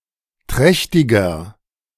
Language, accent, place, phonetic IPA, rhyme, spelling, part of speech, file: German, Germany, Berlin, [ˈtʁɛçtɪɡɐ], -ɛçtɪɡɐ, trächtiger, adjective, De-trächtiger.ogg
- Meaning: inflection of trächtig: 1. strong/mixed nominative masculine singular 2. strong genitive/dative feminine singular 3. strong genitive plural